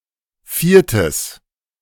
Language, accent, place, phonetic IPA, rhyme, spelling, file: German, Germany, Berlin, [ˈfiːɐ̯təs], -iːɐ̯təs, viertes, De-viertes.ogg
- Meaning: strong/mixed nominative/accusative neuter singular of vierte